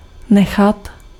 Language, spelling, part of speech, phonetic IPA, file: Czech, nechat, verb, [ˈnɛxat], Cs-nechat.ogg
- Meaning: 1. to leave (to not take away with oneself but leave as available for others) 2. to leave (to transfer responsibility or attention) 3. to let, allow 4. to keep